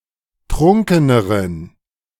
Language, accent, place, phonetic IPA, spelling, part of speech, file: German, Germany, Berlin, [ˈtʁʊŋkənəʁən], trunkeneren, adjective, De-trunkeneren.ogg
- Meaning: inflection of trunken: 1. strong genitive masculine/neuter singular comparative degree 2. weak/mixed genitive/dative all-gender singular comparative degree